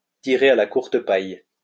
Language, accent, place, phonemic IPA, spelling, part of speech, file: French, France, Lyon, /ti.ʁe a la kuʁ.t(ə) paj/, tirer à la courte paille, verb, LL-Q150 (fra)-tirer à la courte paille.wav
- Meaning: to draw straws